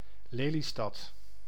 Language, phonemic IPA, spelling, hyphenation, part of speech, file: Dutch, /ˈleː.liˌstɑt/, Lelystad, Le‧ly‧stad, proper noun, Nl-Lelystad.ogg
- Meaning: Lelystad (a city, municipality, and capital of Flevoland, Netherlands)